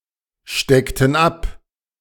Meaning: inflection of abstecken: 1. first/third-person plural preterite 2. first/third-person plural subjunctive II
- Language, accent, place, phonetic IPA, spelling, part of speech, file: German, Germany, Berlin, [ˌʃtɛktn̩ ˈap], steckten ab, verb, De-steckten ab.ogg